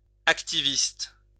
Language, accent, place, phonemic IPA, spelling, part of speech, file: French, France, Lyon, /ak.ti.vist/, activiste, noun, LL-Q150 (fra)-activiste.wav
- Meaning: activist